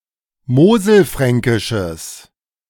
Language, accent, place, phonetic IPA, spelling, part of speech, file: German, Germany, Berlin, [ˈmoːzl̩ˌfʁɛŋkɪʃəs], moselfränkisches, adjective, De-moselfränkisches.ogg
- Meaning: strong/mixed nominative/accusative neuter singular of moselfränkisch